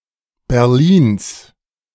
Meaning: genitive singular of Berlin
- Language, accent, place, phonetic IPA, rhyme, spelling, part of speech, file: German, Germany, Berlin, [bɛʁˈliːns], -iːns, Berlins, noun, De-Berlins.ogg